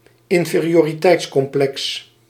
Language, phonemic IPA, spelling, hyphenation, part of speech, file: Dutch, /ɪn.feː.ri.oː.riˈtɛi̯ts.kɔmˌplɛks/, inferioriteitscomplex, in‧fe‧ri‧o‧ri‧teits‧com‧plex, noun, Nl-inferioriteitscomplex.ogg
- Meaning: inferiority complex